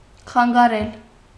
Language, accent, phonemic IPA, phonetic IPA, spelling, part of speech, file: Armenian, Eastern Armenian, /χɑnɡɑˈɾel/, [χɑŋɡɑɾél], խանգարել, verb, Hy-խանգարել.ogg
- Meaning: 1. to disrupt, hinder, get in the way, impede, prevent, interfere 2. to disturb, bother, annoy